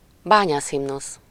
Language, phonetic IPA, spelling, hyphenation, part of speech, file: Hungarian, [ˈbaːɲaːshimnus], bányászhimnusz, bá‧nyász‧him‧nusz, noun, Hu-Bányász himnusz.ogg
- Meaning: The Hungarian miner's anthem titled Szerencse Fel! (Fortune's Up!)